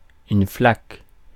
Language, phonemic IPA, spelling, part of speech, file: French, /flak/, flaque, noun / verb, Fr-flaque.ogg
- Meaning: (noun) puddle; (verb) inflection of flaquer: 1. first/third-person singular present indicative/subjunctive 2. second-person singular imperative